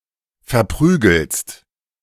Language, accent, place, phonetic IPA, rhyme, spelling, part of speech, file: German, Germany, Berlin, [fɛɐ̯ˈpʁyːɡl̩st], -yːɡl̩st, verprügelst, verb, De-verprügelst.ogg
- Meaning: second-person singular present of verprügeln